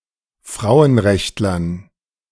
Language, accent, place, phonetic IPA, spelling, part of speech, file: German, Germany, Berlin, [ˈfʁaʊ̯ənˌʁɛçtlɐn], Frauenrechtlern, noun, De-Frauenrechtlern.ogg
- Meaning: dative plural of Frauenrechtler